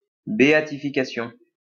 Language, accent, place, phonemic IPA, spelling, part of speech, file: French, France, Lyon, /be.a.ti.fi.ka.sjɔ̃/, béatification, noun, LL-Q150 (fra)-béatification.wav
- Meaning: beatification